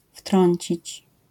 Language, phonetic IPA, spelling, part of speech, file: Polish, [ˈftrɔ̃ɲt͡ɕit͡ɕ], wtrącić, verb, LL-Q809 (pol)-wtrącić.wav